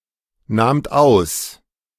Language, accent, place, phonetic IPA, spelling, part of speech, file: German, Germany, Berlin, [ˌnaːmt ˈaʊ̯s], nahmt aus, verb, De-nahmt aus.ogg
- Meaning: second-person plural preterite of ausnehmen